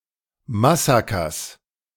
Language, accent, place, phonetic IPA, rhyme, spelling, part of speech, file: German, Germany, Berlin, [maˈsaːkɐs], -aːkɐs, Massakers, noun, De-Massakers.ogg
- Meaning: genitive singular of Massaker